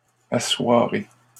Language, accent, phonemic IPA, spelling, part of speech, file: French, Canada, /a.swa.ʁe/, assoirai, verb, LL-Q150 (fra)-assoirai.wav
- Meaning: first-person singular future of asseoir